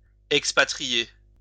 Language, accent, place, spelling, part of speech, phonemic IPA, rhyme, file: French, France, Lyon, expatrier, verb, /ɛk.spa.tʁi.je/, -e, LL-Q150 (fra)-expatrier.wav
- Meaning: 1. to expatriate, deport 2. to emigrate